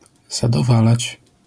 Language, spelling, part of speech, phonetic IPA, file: Polish, zadowalać, verb, [ˌzadɔˈvalat͡ɕ], LL-Q809 (pol)-zadowalać.wav